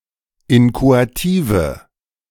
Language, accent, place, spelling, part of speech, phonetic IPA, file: German, Germany, Berlin, inchoative, adjective, [ˈɪnkoatiːvə], De-inchoative.ogg
- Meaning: inflection of inchoativ: 1. strong/mixed nominative/accusative feminine singular 2. strong nominative/accusative plural 3. weak nominative all-gender singular